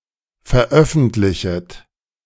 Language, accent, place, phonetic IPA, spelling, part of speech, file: German, Germany, Berlin, [fɛɐ̯ˈʔœfn̩tlɪçət], veröffentlichet, verb, De-veröffentlichet.ogg
- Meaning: second-person plural subjunctive I of veröffentlichen